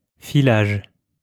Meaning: 1. spinning (of thread) 2. run-through (rehearsal)
- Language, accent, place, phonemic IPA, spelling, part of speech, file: French, France, Lyon, /fi.laʒ/, filage, noun, LL-Q150 (fra)-filage.wav